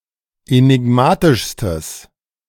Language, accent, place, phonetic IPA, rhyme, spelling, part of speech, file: German, Germany, Berlin, [enɪˈɡmaːtɪʃstəs], -aːtɪʃstəs, enigmatischstes, adjective, De-enigmatischstes.ogg
- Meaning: strong/mixed nominative/accusative neuter singular superlative degree of enigmatisch